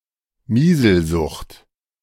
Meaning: leprosy
- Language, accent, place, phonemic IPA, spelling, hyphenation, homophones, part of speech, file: German, Germany, Berlin, /ˈmiːzl̩ˌzʊxt/, Miselsucht, Mi‧sel‧sucht, Mieselsucht, noun, De-Miselsucht.ogg